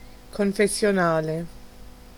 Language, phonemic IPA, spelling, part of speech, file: Italian, /konfessjoˈnale/, confessionale, adjective / noun, It-confessionale.ogg